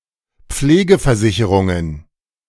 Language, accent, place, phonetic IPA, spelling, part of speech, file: German, Germany, Berlin, [ˈp͡fleːɡəfɛɐ̯ˌzɪçəʁʊŋən], Pflegeversicherungen, noun, De-Pflegeversicherungen.ogg
- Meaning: plural of Pflegeversicherung